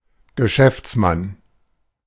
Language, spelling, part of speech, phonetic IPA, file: German, Geschäftsmann, noun, [ɡəˈʃɛft͡sˌman], De-Geschäftsmann.oga
- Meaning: businessman